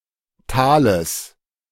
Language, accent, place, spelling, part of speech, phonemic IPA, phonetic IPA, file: German, Germany, Berlin, Tales, noun, /ˈtaːləs/, [ˈtʰaːləs], De-Tales.ogg
- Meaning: genitive singular of Tal